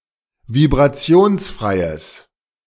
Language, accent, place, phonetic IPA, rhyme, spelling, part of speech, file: German, Germany, Berlin, [vibʁaˈt͡si̯oːnsˌfʁaɪ̯əs], -oːnsfʁaɪ̯əs, vibrationsfreies, adjective, De-vibrationsfreies.ogg
- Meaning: strong/mixed nominative/accusative neuter singular of vibrationsfrei